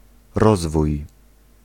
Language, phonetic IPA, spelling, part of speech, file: Polish, [ˈrɔzvuj], rozwój, noun, Pl-rozwój.ogg